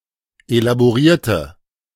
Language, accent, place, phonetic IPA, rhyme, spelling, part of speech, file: German, Germany, Berlin, [elaboˈʁiːɐ̯tə], -iːɐ̯tə, elaborierte, adjective / verb, De-elaborierte.ogg
- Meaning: inflection of elaboriert: 1. strong/mixed nominative/accusative feminine singular 2. strong nominative/accusative plural 3. weak nominative all-gender singular